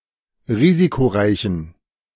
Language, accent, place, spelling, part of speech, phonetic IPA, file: German, Germany, Berlin, risikoreichen, adjective, [ˈʁiːzikoˌʁaɪ̯çn̩], De-risikoreichen.ogg
- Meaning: inflection of risikoreich: 1. strong genitive masculine/neuter singular 2. weak/mixed genitive/dative all-gender singular 3. strong/weak/mixed accusative masculine singular 4. strong dative plural